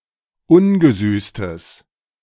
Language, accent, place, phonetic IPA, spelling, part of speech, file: German, Germany, Berlin, [ˈʊnɡəˌzyːstəs], ungesüßtes, adjective, De-ungesüßtes.ogg
- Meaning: strong/mixed nominative/accusative neuter singular of ungesüßt